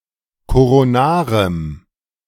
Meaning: strong dative masculine/neuter singular of koronar
- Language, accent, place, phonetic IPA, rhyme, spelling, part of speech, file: German, Germany, Berlin, [koʁoˈnaːʁəm], -aːʁəm, koronarem, adjective, De-koronarem.ogg